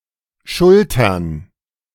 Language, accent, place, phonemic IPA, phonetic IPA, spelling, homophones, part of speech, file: German, Germany, Berlin, /ˈʃʊltəʁn/, [ˈʃʊltʰɐn], schultern, Schultern, verb, De-schultern.ogg
- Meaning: to shoulder (to carry something on one's shoulders)